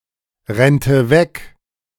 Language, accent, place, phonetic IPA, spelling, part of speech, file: German, Germany, Berlin, [ˌʁɛntə ˈvɛk], rennte weg, verb, De-rennte weg.ogg
- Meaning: first/third-person singular subjunctive II of wegrennen